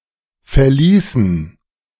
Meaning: inflection of verlassen: 1. first/third-person plural preterite 2. first/third-person plural subjunctive II
- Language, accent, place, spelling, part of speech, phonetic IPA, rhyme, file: German, Germany, Berlin, verließen, verb, [fɛɐ̯ˈliːsn̩], -iːsn̩, De-verließen.ogg